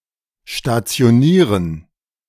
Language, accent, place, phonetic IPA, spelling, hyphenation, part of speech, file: German, Germany, Berlin, [ʃtatsi̯oˈniːʁən], stationieren, sta‧ti‧o‧nie‧ren, verb, De-stationieren.ogg
- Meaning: 1. to deploy 2. to site 3. to station